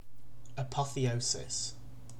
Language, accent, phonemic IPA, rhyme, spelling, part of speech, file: English, UK, /əˌpɒθ.iːˈəʊ.sɪs/, -əʊsɪs, apotheosis, noun, En-uk-apotheosis.ogg
- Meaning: 1. The fact or action of becoming or making into a god; deification 2. Glorification, exaltation; crediting someone or something with extraordinary power or status